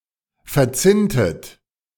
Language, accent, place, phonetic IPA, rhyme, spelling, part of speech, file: German, Germany, Berlin, [fɛɐ̯ˈt͡sɪntət], -ɪntət, verzinntet, verb, De-verzinntet.ogg
- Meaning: inflection of verzinnen: 1. second-person plural preterite 2. second-person plural subjunctive II